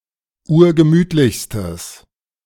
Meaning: strong/mixed nominative/accusative neuter singular superlative degree of urgemütlich
- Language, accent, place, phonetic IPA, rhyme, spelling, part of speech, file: German, Germany, Berlin, [ˈuːɐ̯ɡəˈmyːtlɪçstəs], -yːtlɪçstəs, urgemütlichstes, adjective, De-urgemütlichstes.ogg